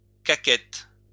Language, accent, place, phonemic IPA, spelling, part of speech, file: French, France, Lyon, /ka.kɛt/, caquette, verb, LL-Q150 (fra)-caquette.wav
- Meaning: inflection of caqueter: 1. first/third-person singular present indicative/subjunctive 2. second-person singular imperative